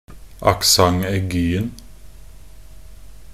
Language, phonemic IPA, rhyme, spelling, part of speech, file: Norwegian Bokmål, /akˈsaŋ.ɛɡyːn̩/, -yːn̩, accent aiguen, noun, Nb-accent aiguen.ogg
- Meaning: definite singular of accent aigu